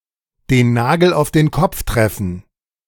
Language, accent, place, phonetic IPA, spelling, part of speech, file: German, Germany, Berlin, [deːn ˈnaːɡl̩ aʊ̯f deːn ˈkɔp͡f ˈtʁɛfn̩], den Nagel auf den Kopf treffen, phrase, De-den Nagel auf den Kopf treffen.ogg
- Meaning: to hit the nail on the head